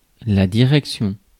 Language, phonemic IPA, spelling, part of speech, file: French, /di.ʁɛk.sjɔ̃/, direction, noun, Fr-direction.ogg
- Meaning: 1. direction 2. government 3. the director of the administration/organisation 4. the territory administered by a government 5. Set of subsystems which allow to orient the wheels of a vehicle